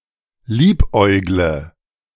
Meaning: inflection of liebäugeln: 1. first-person singular present 2. first/third-person singular subjunctive I 3. singular imperative
- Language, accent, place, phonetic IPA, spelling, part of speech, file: German, Germany, Berlin, [ˈliːpˌʔɔɪ̯ɡlə], liebäugle, verb, De-liebäugle.ogg